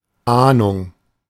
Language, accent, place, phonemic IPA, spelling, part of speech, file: German, Germany, Berlin, /ˈʔaːnʊŋ/, Ahnung, noun, De-Ahnung.ogg
- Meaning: 1. anticipation, inkling 2. clue, idea, notion